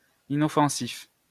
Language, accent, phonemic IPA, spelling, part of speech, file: French, France, /i.nɔ.fɑ̃.sif/, inoffensif, adjective, LL-Q150 (fra)-inoffensif.wav
- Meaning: harmless